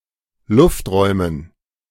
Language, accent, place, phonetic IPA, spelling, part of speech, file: German, Germany, Berlin, [ˈlʊftˌʁɔɪ̯mən], Lufträumen, noun, De-Lufträumen.ogg
- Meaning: dative plural of Luftraum